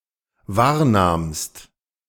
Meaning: second-person singular dependent preterite of wahrnehmen
- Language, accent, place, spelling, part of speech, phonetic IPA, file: German, Germany, Berlin, wahrnahmst, verb, [ˈvaːɐ̯ˌnaːmst], De-wahrnahmst.ogg